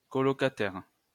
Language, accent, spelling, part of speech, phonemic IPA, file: French, France, colocataire, noun, /kɔ.lɔ.ka.tɛʁ/, LL-Q150 (fra)-colocataire.wav
- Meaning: flatmate, roommate, housemate, joint tenant, cotenant